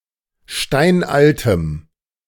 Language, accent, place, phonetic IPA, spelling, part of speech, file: German, Germany, Berlin, [ˈʃtaɪ̯nʔaltəm], steinaltem, adjective, De-steinaltem.ogg
- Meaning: strong dative masculine/neuter singular of steinalt